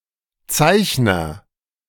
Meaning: 1. drawer (one who draws something) 2. underwriter (of shares etc.)
- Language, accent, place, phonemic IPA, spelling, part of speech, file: German, Germany, Berlin, /ˈt͡saɪ̯çnɐ/, Zeichner, noun, De-Zeichner.ogg